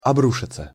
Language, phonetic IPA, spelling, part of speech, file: Russian, [ɐˈbruʂɨt͡sə], обрушиться, verb, Ru-обрушиться.ogg
- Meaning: 1. to fall in, to collapse 2. to batter, to pound [with на (na, + accusative) ‘someone’] (of the weather) 3. to befall 4. to attack 5. to assail [with на (na, + accusative) ‘someone’] verbally